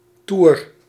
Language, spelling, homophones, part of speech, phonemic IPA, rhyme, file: Dutch, tour, toer, noun / verb, /tur/, -ur, Nl-tour.ogg
- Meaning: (noun) 1. tour (journey through a particular building, estate, country, etc.) 2. tour (journey through a given list of places, such as by an entertainer performing concerts)